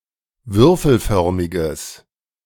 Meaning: strong/mixed nominative/accusative neuter singular of würfelförmig
- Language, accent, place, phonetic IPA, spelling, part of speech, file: German, Germany, Berlin, [ˈvʏʁfl̩ˌfœʁmɪɡəs], würfelförmiges, adjective, De-würfelförmiges.ogg